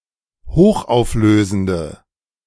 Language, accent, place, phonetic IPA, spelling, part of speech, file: German, Germany, Berlin, [ˈhoːxʔaʊ̯fˌløːzn̩də], hochauflösende, adjective, De-hochauflösende.ogg
- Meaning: inflection of hochauflösend: 1. strong/mixed nominative/accusative feminine singular 2. strong nominative/accusative plural 3. weak nominative all-gender singular